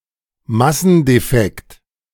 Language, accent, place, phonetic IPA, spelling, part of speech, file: German, Germany, Berlin, [ˈmasn̩deˌfɛkt], Massendefekt, noun, De-Massendefekt.ogg
- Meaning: mass defect